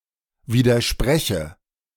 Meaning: inflection of widersprechen: 1. first-person singular present 2. first/third-person singular subjunctive I
- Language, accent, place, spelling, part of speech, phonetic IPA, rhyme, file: German, Germany, Berlin, widerspreche, verb, [ˌviːdɐˈʃpʁɛçə], -ɛçə, De-widerspreche.ogg